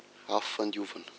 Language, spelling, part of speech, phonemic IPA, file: Malagasy, afofandiovana, noun, /afufaⁿdiuvanạ/, Mg-afofandiovana.ogg
- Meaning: Purgatory